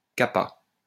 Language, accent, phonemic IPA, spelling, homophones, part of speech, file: French, France, /ka.pa/, capa, capas / capât, verb, LL-Q150 (fra)-capa.wav
- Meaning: third-person singular past historic of caper